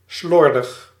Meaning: 1. sloppy, careless 2. undisciplined, haphazard 3. unkempt, untidy, slovenly
- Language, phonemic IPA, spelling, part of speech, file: Dutch, /ˈslɔr.dəx/, slordig, adjective, Nl-slordig.ogg